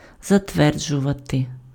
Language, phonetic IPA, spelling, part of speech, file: Ukrainian, [zɐtˈʋɛrd͡ʒʊʋɐte], затверджувати, verb, Uk-затверджувати.ogg
- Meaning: 1. to approve, to sanction, to approbate 2. to ratify